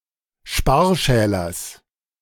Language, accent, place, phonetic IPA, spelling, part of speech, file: German, Germany, Berlin, [ˈʃpaːɐ̯ˌʃɛːlɐs], Sparschälers, noun, De-Sparschälers.ogg
- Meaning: genitive singular of Sparschäler